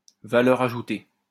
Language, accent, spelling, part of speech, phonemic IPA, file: French, France, valeur ajoutée, noun, /va.lœʁ a.ʒu.te/, LL-Q150 (fra)-valeur ajoutée.wav
- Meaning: value added (amount by which the value of an article is increased at each stage of its production, exclusive of initial costs)